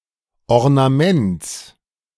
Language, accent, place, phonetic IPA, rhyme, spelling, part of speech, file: German, Germany, Berlin, [ɔʁnaˈmɛnt͡s], -ɛnt͡s, Ornaments, noun, De-Ornaments.ogg
- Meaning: genitive of Ornament